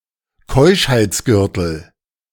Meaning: chastity belt
- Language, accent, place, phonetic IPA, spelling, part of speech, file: German, Germany, Berlin, [ˈkɔɪ̯ʃhaɪ̯t͡sˌɡʏʁtl̩], Keuschheitsgürtel, noun, De-Keuschheitsgürtel.ogg